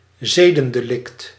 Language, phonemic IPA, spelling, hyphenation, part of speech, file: Dutch, /ˈzeː.də(n).deːˌlɪkt/, zedendelict, ze‧den‧de‧lict, noun, Nl-zedendelict.ogg
- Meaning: a sex crime